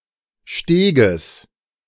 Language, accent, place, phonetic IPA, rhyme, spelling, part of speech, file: German, Germany, Berlin, [ˈʃteːɡəs], -eːɡəs, Steges, noun, De-Steges.ogg
- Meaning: genitive singular of Steg